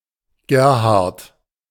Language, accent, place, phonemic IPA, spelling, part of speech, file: German, Germany, Berlin, /ˈɡeːɐ̯haʁt/, Gerhard, proper noun, De-Gerhard.ogg
- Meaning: 1. a male given name, equivalent to English Gerard or French Gérard 2. a surname originating as a patronymic